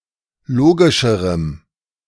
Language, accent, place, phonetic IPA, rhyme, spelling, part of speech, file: German, Germany, Berlin, [ˈloːɡɪʃəʁəm], -oːɡɪʃəʁəm, logischerem, adjective, De-logischerem.ogg
- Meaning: strong dative masculine/neuter singular comparative degree of logisch